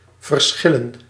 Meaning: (verb) to differ; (noun) plural of verschil
- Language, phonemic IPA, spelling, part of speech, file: Dutch, /vər.ˈsxɪ.lə(n)/, verschillen, verb / noun, Nl-verschillen.ogg